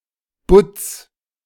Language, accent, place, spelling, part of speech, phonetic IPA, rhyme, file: German, Germany, Berlin, Butts, noun, [bʊt͡s], -ʊt͡s, De-Butts.ogg
- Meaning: genitive singular of Butt